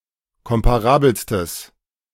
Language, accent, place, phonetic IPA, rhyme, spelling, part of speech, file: German, Germany, Berlin, [ˌkɔmpaˈʁaːbl̩stəs], -aːbl̩stəs, komparabelstes, adjective, De-komparabelstes.ogg
- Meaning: strong/mixed nominative/accusative neuter singular superlative degree of komparabel